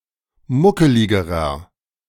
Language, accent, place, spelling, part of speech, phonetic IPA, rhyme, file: German, Germany, Berlin, muckeligerer, adjective, [ˈmʊkəlɪɡəʁɐ], -ʊkəlɪɡəʁɐ, De-muckeligerer.ogg
- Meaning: inflection of muckelig: 1. strong/mixed nominative masculine singular comparative degree 2. strong genitive/dative feminine singular comparative degree 3. strong genitive plural comparative degree